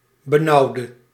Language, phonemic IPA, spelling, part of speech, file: Dutch, /bəˈnɑudə/, benauwde, adjective / verb, Nl-benauwde.ogg
- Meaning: inflection of benauwen: 1. singular past indicative 2. singular past subjunctive